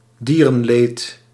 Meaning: animal suffering
- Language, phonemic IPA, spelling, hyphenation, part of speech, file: Dutch, /ˈdiː.rə(n)ˌleːt/, dierenleed, die‧ren‧leed, noun, Nl-dierenleed.ogg